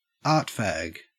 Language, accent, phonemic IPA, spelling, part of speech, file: English, Australia, /ˈɑɹtˌfæɡ/, artfag, noun, En-au-artfag.ogg
- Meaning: A pretentious artist or person interested in the arts